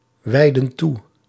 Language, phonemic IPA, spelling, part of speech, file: Dutch, /ˈwɛidə(n) ˈtu/, wijdden toe, verb, Nl-wijdden toe.ogg
- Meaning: inflection of toewijden: 1. plural past indicative 2. plural past subjunctive